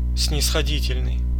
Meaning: 1. indulgent, lenient (tolerant; not strict) 2. condescending
- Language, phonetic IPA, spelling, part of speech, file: Russian, [snʲɪsxɐˈdʲitʲɪlʲnɨj], снисходительный, adjective, Ru-снисходительный.ogg